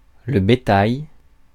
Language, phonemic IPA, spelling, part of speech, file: French, /be.taj/, bétail, noun, Fr-bétail.ogg
- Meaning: 1. livestock 2. cattle 3. insect 4. animal, beast, monster